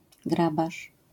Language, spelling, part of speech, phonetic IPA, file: Polish, grabarz, noun, [ˈɡrabaʃ], LL-Q809 (pol)-grabarz.wav